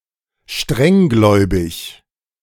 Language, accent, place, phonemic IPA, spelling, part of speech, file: German, Germany, Berlin, /ˈʃtʁɛŋˌɡlɔɪ̯bɪç/, strenggläubig, adjective, De-strenggläubig.ogg
- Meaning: strictly religious